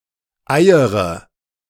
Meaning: inflection of eiern: 1. first-person singular present 2. first/third-person singular subjunctive I 3. singular imperative
- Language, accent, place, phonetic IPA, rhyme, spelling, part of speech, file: German, Germany, Berlin, [ˈaɪ̯əʁə], -aɪ̯əʁə, eiere, verb, De-eiere.ogg